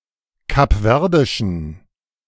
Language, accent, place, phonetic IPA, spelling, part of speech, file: German, Germany, Berlin, [kapˈvɛʁdɪʃn̩], kapverdischen, adjective, De-kapverdischen.ogg
- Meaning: inflection of kapverdisch: 1. strong genitive masculine/neuter singular 2. weak/mixed genitive/dative all-gender singular 3. strong/weak/mixed accusative masculine singular 4. strong dative plural